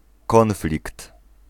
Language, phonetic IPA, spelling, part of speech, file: Polish, [ˈkɔ̃nflʲikt], konflikt, noun, Pl-konflikt.ogg